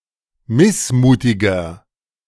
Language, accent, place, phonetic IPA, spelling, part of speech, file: German, Germany, Berlin, [ˈmɪsˌmuːtɪɡɐ], missmutiger, adjective, De-missmutiger.ogg
- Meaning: 1. comparative degree of missmutig 2. inflection of missmutig: strong/mixed nominative masculine singular 3. inflection of missmutig: strong genitive/dative feminine singular